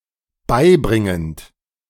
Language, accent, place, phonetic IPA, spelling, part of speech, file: German, Germany, Berlin, [ˈbaɪ̯ˌbʁɪŋənt], beibringend, verb, De-beibringend.ogg
- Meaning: present participle of beibringen